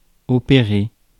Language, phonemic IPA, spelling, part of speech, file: French, /ɔ.pe.ʁe/, opérer, verb, Fr-opérer.ogg
- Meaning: 1. to operate (on) 2. to take place